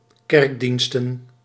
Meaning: plural of kerkdienst
- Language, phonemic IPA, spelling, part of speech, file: Dutch, /ˈkɛrᵊɡˌdinstə(n)/, kerkdiensten, noun, Nl-kerkdiensten.ogg